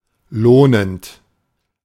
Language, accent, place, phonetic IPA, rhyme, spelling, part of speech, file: German, Germany, Berlin, [ˈloːnənt], -oːnənt, lohnend, verb, De-lohnend.ogg
- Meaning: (verb) present participle of lohnen; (adjective) worthwhile, rewarding, remunerative